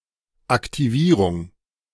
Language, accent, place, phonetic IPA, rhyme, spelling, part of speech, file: German, Germany, Berlin, [aktiˈviːʁʊŋ], -iːʁʊŋ, Aktivierung, noun, De-Aktivierung.ogg
- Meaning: activation